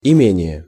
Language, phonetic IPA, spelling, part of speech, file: Russian, [ɪˈmʲenʲɪje], имение, noun, Ru-имение.ogg
- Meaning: estate, manor, domain, property